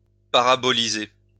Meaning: to parabolize
- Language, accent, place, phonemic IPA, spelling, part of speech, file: French, France, Lyon, /pa.ʁa.bɔ.li.ze/, paraboliser, verb, LL-Q150 (fra)-paraboliser.wav